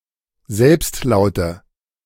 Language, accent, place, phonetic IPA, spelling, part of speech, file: German, Germany, Berlin, [ˈzɛlpstˌlaʊ̯tə], Selbstlaute, noun, De-Selbstlaute.ogg
- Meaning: nominative/accusative/genitive plural of Selbstlaut